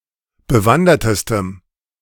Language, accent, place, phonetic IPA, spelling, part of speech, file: German, Germany, Berlin, [bəˈvandɐtəstəm], bewandertestem, adjective, De-bewandertestem.ogg
- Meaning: strong dative masculine/neuter singular superlative degree of bewandert